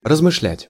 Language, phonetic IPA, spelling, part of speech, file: Russian, [rəzmɨʂˈlʲætʲ], размышлять, verb, Ru-размышлять.ogg
- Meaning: to ponder, to muse, to meditate, to think (over), to reflect